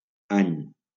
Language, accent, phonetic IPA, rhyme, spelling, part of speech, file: Catalan, Valencia, [ˈaɲ], -aɲ, any, noun, LL-Q7026 (cat)-any.wav
- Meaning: year